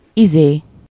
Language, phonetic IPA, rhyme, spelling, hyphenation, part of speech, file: Hungarian, [ˈizeː], -zeː, izé, izé, noun, Hu-izé.ogg
- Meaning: 1. thing, thingy, whatsit (a placeholder denoting a vague thing, or something whose name is forgotten by the speaker) 2. thingy, sex organ, genitalia